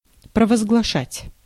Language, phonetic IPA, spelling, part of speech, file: Russian, [prəvəzɡɫɐˈʂatʲ], провозглашать, verb, Ru-провозглашать.ogg
- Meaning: 1. to proclaim, to promulgate, to declare, to enunciate (solemnly or officially) 2. to acclaim (to declare by acclamations)